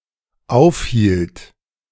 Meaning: first/third-person singular dependent preterite of aufhalten
- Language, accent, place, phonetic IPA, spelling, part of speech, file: German, Germany, Berlin, [ˈaʊ̯fˌhiːlt], aufhielt, verb, De-aufhielt.ogg